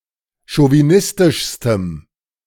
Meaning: strong dative masculine/neuter singular superlative degree of chauvinistisch
- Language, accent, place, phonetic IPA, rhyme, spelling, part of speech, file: German, Germany, Berlin, [ʃoviˈnɪstɪʃstəm], -ɪstɪʃstəm, chauvinistischstem, adjective, De-chauvinistischstem.ogg